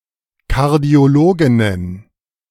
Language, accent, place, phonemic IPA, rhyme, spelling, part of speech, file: German, Germany, Berlin, /ˌkaʁdi̯oˈloːɡɪnən/, -oːɡɪnən, Kardiologinnen, noun, De-Kardiologinnen.ogg
- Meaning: plural of Kardiologin